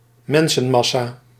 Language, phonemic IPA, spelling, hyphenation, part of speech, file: Dutch, /ˈmɛn.sə(n)ˌmɑ.saː/, mensenmassa, men‧sen‧mas‧sa, noun, Nl-mensenmassa.ogg
- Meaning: a crowd of people, a multitude of humans